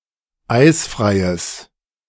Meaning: strong/mixed nominative/accusative neuter singular of eisfrei
- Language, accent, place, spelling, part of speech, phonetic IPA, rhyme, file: German, Germany, Berlin, eisfreies, adjective, [ˈaɪ̯sfʁaɪ̯əs], -aɪ̯sfʁaɪ̯əs, De-eisfreies.ogg